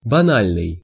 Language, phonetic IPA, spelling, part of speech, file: Russian, [bɐˈnalʲnɨj], банальный, adjective, Ru-банальный.ogg
- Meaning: banal, trivial (common, ordinary)